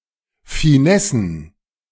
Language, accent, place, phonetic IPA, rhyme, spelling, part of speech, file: German, Germany, Berlin, [fiˈnɛsn̩], -ɛsn̩, Finessen, noun, De-Finessen.ogg
- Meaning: plural of Finesse